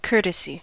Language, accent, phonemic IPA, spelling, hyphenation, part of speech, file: English, US, /ˈkɝɾəsi/, courtesy, cour‧te‧sy, noun / verb / adjective, En-us-courtesy.ogg
- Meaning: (noun) 1. Polite behavior 2. A polite gesture or remark, especially as opposed to an obligation or standard practice 3. Consent or agreement in spite of fact; indulgence